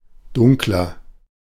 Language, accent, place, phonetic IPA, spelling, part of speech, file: German, Germany, Berlin, [ˈdʊŋklɐ], dunkler, adjective, De-dunkler.ogg
- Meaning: 1. comparative degree of dunkel 2. inflection of dunkel: strong/mixed nominative masculine singular 3. inflection of dunkel: strong genitive/dative feminine singular